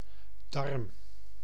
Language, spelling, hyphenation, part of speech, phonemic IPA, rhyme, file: Dutch, darm, darm, noun, /dɑrm/, -ɑrm, Nl-darm.ogg
- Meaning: intestine